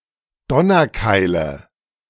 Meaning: nominative/accusative/genitive plural of Donnerkeil
- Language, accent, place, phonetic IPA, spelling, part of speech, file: German, Germany, Berlin, [ˈdɔnɐˌkaɪ̯lə], Donnerkeile, noun, De-Donnerkeile.ogg